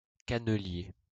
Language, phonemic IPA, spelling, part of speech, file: French, /ka.nə.lje/, cannelier, noun, LL-Q150 (fra)-cannelier.wav
- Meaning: 1. Cinnamomum verum, the true cinnamon tree 2. any of several plants in the genus Cinnamomum